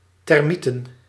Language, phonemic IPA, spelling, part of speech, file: Dutch, /tɛrˈmitə(n)/, termieten, noun, Nl-termieten.ogg
- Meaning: plural of termiet